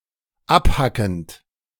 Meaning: present participle of abhacken
- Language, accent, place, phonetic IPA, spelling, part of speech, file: German, Germany, Berlin, [ˈapˌhakn̩t], abhackend, verb, De-abhackend.ogg